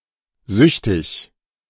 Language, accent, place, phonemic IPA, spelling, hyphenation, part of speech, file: German, Germany, Berlin, /ˈzʏçtɪç/, süchtig, süch‧tig, adjective, De-süchtig.ogg
- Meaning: addicted